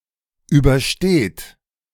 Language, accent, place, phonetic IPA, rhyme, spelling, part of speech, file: German, Germany, Berlin, [ˌyːbɐˈʃteːt], -eːt, übersteht, verb, De-übersteht.ogg
- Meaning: inflection of überstehen: 1. third-person singular present 2. second-person plural present 3. plural imperative